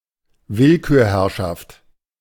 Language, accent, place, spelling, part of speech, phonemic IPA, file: German, Germany, Berlin, Willkürherrschaft, noun, /ˈvɪlkyːɐ̯hɛʁʃaft/, De-Willkürherrschaft.ogg
- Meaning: arbitrary rule, despotic rule, despotism